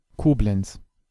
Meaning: Koblenz (an independent city in northern Rhineland-Palatinate, Germany)
- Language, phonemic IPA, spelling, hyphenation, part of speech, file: German, /ˈkoːblɛn(t)s/, Koblenz, Ko‧b‧lenz, proper noun, De-Koblenz.ogg